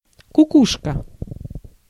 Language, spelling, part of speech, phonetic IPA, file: Russian, кукушка, noun, [kʊˈkuʂkə], Ru-кукушка.ogg
- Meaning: 1. cuckoo 2. woman who left her newborn baby 3. cuckoo (a term used for the old «Ку» series locomotives) 4. cuckoo (a term for a suburban light-rail with several cars)